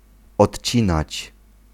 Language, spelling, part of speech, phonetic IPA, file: Polish, odcinać, verb, [ɔtʲˈt͡ɕĩnat͡ɕ], Pl-odcinać.ogg